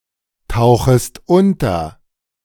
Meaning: second-person singular subjunctive I of untertauchen
- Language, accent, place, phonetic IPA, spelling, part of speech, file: German, Germany, Berlin, [ˌtaʊ̯xəst ˈʊntɐ], tauchest unter, verb, De-tauchest unter.ogg